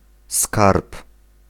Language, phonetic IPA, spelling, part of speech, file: Polish, [skarp], skarb, noun, Pl-skarb.ogg